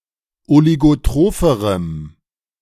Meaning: strong dative masculine/neuter singular comparative degree of oligotroph
- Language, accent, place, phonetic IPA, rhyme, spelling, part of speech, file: German, Germany, Berlin, [oliɡoˈtʁoːfəʁəm], -oːfəʁəm, oligotropherem, adjective, De-oligotropherem.ogg